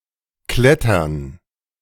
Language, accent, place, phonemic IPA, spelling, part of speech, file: German, Germany, Berlin, /ˈklɛtɐn/, klettern, verb, De-klettern2.ogg
- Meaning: to climb (e.g. up a tree)